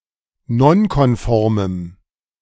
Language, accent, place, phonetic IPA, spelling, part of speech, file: German, Germany, Berlin, [ˈnɔnkɔnˌfɔʁməm], nonkonformem, adjective, De-nonkonformem.ogg
- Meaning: strong dative masculine/neuter singular of nonkonform